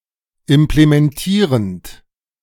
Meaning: present participle of implementieren
- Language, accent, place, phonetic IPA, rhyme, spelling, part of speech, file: German, Germany, Berlin, [ɪmplemɛnˈtiːʁənt], -iːʁənt, implementierend, verb, De-implementierend.ogg